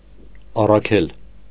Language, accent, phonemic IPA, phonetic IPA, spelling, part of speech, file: Armenian, Eastern Armenian, /ɑrɑˈkʰel/, [ɑrɑkʰél], առաքել, verb, Hy-առաքել.ogg
- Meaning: 1. to send, to dispatch 2. to deliver